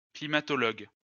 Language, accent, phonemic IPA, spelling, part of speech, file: French, France, /kli.ma.tɔ.lɔɡ/, climatologue, noun, LL-Q150 (fra)-climatologue.wav
- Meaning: climatologist